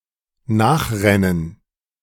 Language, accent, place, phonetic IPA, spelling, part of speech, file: German, Germany, Berlin, [ˈnaːxˌʁɛnən], nachrennen, verb, De-nachrennen.ogg
- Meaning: to run after